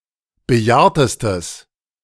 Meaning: strong/mixed nominative/accusative neuter singular superlative degree of bejahrt
- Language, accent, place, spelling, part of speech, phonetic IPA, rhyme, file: German, Germany, Berlin, bejahrtestes, adjective, [bəˈjaːɐ̯təstəs], -aːɐ̯təstəs, De-bejahrtestes.ogg